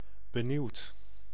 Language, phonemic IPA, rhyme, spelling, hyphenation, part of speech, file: Dutch, /bəˈniu̯t/, -iu̯t, benieuwd, be‧nieuwd, adjective / verb, Nl-benieuwd.ogg
- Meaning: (adjective) longing to see, hear or understand, curious; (verb) past participle of benieuwen